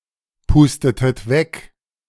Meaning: inflection of wegpusten: 1. second-person plural preterite 2. second-person plural subjunctive II
- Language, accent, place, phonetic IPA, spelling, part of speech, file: German, Germany, Berlin, [ˌpuːstətət ˈvɛk], pustetet weg, verb, De-pustetet weg.ogg